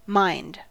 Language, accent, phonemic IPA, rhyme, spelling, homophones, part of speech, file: English, General American, /maɪnd/, -aɪnd, mind, mined, noun / verb, En-us-mind.ogg
- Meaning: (noun) 1. The capability for rational thought 2. The ability to be aware of things 3. The ability to remember things 4. The ability to focus the thoughts